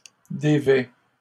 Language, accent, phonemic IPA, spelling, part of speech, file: French, Canada, /de.vɛ/, dévêt, verb, LL-Q150 (fra)-dévêt.wav
- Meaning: third-person singular present indicative of dévêtir